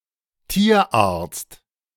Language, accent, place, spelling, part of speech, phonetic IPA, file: German, Germany, Berlin, Tierarzt, noun, [ˈtiːɐˌʔaːɐ̯t͡st], De-Tierarzt.ogg
- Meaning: veterinarian, veterinary surgeon (male or of unspecified gender)